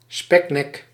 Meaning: 1. a fat, blubbery neck 2. a person with a fat, blubbery neck
- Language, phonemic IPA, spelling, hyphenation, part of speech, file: Dutch, /ˈspɛknɛk/, speknek, spek‧nek, noun, Nl-speknek.ogg